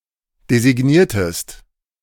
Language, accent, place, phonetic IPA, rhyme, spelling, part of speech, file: German, Germany, Berlin, [dezɪˈɡniːɐ̯təst], -iːɐ̯təst, designiertest, verb, De-designiertest.ogg
- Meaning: inflection of designieren: 1. second-person singular preterite 2. second-person singular subjunctive II